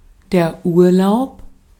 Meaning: 1. holiday, vacation 2. leave
- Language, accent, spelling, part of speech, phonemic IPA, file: German, Austria, Urlaub, noun, /ˈuːɐ̯ˌlaʊ̯p/, De-at-Urlaub.ogg